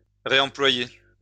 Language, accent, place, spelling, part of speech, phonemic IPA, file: French, France, Lyon, réemployer, verb, /ʁe.ɑ̃.plwa.je/, LL-Q150 (fra)-réemployer.wav
- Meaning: 1. to reuse 2. to reemploy 3. to reinvest (money)